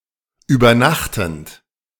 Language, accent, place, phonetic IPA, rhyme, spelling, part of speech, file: German, Germany, Berlin, [yːbɐˈnaxtn̩t], -axtn̩t, übernachtend, verb, De-übernachtend.ogg
- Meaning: present participle of übernachten